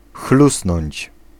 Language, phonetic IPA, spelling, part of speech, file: Polish, [ˈxlusnɔ̃ɲt͡ɕ], chlusnąć, verb, Pl-chlusnąć.ogg